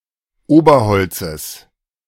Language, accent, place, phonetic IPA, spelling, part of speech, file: German, Germany, Berlin, [ˈoːbɐˌhɔlt͡səs], Oberholzes, noun, De-Oberholzes.ogg
- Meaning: genitive singular of Oberholz